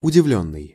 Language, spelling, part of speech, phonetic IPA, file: Russian, удивлённый, verb / adjective, [ʊdʲɪˈvlʲɵnːɨj], Ru-удивлённый.ogg
- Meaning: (verb) past passive perfective participle of удиви́ть (udivítʹ); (adjective) surprised, amazed (experiencing surprise or amazement; of a person)